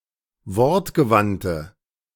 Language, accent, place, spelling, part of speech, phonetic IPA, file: German, Germany, Berlin, wortgewandte, adjective, [ˈvɔʁtɡəˌvantə], De-wortgewandte.ogg
- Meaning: inflection of wortgewandt: 1. strong/mixed nominative/accusative feminine singular 2. strong nominative/accusative plural 3. weak nominative all-gender singular